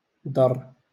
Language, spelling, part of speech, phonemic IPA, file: Moroccan Arabic, ضر, verb, /dˤarː/, LL-Q56426 (ary)-ضر.wav
- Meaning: 1. to harm 2. to hurt